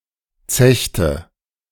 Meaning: inflection of zechen: 1. first/third-person singular preterite 2. first/third-person singular subjunctive II
- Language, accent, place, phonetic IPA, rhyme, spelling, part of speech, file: German, Germany, Berlin, [ˈt͡sɛçtə], -ɛçtə, zechte, verb, De-zechte.ogg